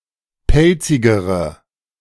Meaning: inflection of pelzig: 1. strong/mixed nominative/accusative feminine singular comparative degree 2. strong nominative/accusative plural comparative degree
- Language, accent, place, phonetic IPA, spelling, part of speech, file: German, Germany, Berlin, [ˈpɛlt͡sɪɡəʁə], pelzigere, adjective, De-pelzigere.ogg